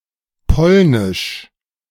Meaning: Polish (of Poland or its language)
- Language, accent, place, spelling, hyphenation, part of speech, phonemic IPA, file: German, Germany, Berlin, polnisch, pol‧nisch, adjective, /ˈpɔlnɪʃ/, De-polnisch.ogg